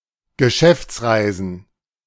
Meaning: plural of Geschäftsreise
- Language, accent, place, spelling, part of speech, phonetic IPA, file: German, Germany, Berlin, Geschäftsreisen, noun, [ɡəˈʃɛft͡sˌʁaɪ̯zn̩], De-Geschäftsreisen.ogg